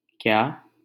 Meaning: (particle) initial interrogative particle; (pronoun) 1. what? 2. such, what, how 3. used after a noun or तो to indicate something being not as great
- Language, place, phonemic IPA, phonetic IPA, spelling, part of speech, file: Hindi, Delhi, /kjɑː/, [kjäː], क्या, particle / pronoun, LL-Q1568 (hin)-क्या.wav